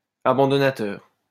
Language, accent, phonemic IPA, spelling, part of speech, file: French, France, /a.bɑ̃.dɔ.na.tœʁ/, abandonnateur, adjective / noun, LL-Q150 (fra)-abandonnateur.wav
- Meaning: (adjective) Which gives up something; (noun) a natural or moral person who gives up something